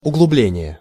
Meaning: 1. deepening 2. hollow, depression 3. draught 4. intensification
- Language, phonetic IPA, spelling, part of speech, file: Russian, [ʊɡɫʊˈblʲenʲɪje], углубление, noun, Ru-углубление.ogg